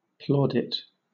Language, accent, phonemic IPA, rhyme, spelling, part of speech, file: English, Southern England, /ˈplɔːdɪt/, -ɔːdɪt, plaudit, noun / verb, LL-Q1860 (eng)-plaudit.wav
- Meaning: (noun) 1. A mark or expression of applause; praise bestowed 2. An award or commendation; a formal recognition of approval or achievement; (verb) To issue or confer a plaudit upon